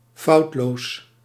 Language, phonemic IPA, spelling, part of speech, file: Dutch, /ˈfɑutlos/, foutloos, adjective, Nl-foutloos.ogg
- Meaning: without errors, faultless